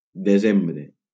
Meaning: December
- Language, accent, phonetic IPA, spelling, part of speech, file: Catalan, Valencia, [deˈzem.bɾe], desembre, noun, LL-Q7026 (cat)-desembre.wav